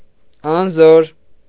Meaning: 1. powerless, impotent 2. weak, feeble 3. uninfluential
- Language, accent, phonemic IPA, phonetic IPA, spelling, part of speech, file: Armenian, Eastern Armenian, /ɑnˈzoɾ/, [ɑnzóɾ], անզոր, adjective, Hy-անզոր.ogg